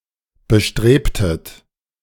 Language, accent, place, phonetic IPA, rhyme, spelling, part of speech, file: German, Germany, Berlin, [bəˈʃtʁeːptət], -eːptət, bestrebtet, verb, De-bestrebtet.ogg
- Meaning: inflection of bestreben: 1. second-person plural preterite 2. second-person plural subjunctive II